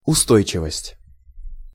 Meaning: steadiness, firmness, stability
- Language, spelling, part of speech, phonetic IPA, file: Russian, устойчивость, noun, [ʊˈstojt͡ɕɪvəsʲtʲ], Ru-устойчивость.ogg